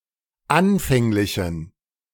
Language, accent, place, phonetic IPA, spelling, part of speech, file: German, Germany, Berlin, [ˈanfɛŋlɪçn̩], anfänglichen, adjective, De-anfänglichen.ogg
- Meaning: inflection of anfänglich: 1. strong genitive masculine/neuter singular 2. weak/mixed genitive/dative all-gender singular 3. strong/weak/mixed accusative masculine singular 4. strong dative plural